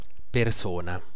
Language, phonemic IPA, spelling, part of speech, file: Italian, /perˈsona/, persona, noun, It-persona.ogg